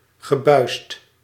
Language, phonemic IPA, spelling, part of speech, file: Dutch, /ɣəˈbœyst/, gebuisd, verb, Nl-gebuisd.ogg
- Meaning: past participle of buizen